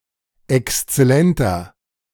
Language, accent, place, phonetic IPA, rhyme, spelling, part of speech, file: German, Germany, Berlin, [ɛkst͡sɛˈlɛntɐ], -ɛntɐ, exzellenter, adjective, De-exzellenter.ogg
- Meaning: inflection of exzellent: 1. strong/mixed nominative masculine singular 2. strong genitive/dative feminine singular 3. strong genitive plural